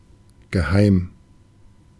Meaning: 1. secret, clandestine 2. familiar, dear 3. homely, cozy 4. tame, domesticated
- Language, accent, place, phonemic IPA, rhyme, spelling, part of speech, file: German, Germany, Berlin, /ɡəˈhaɪ̯m/, -aɪ̯m, geheim, adjective, De-geheim.ogg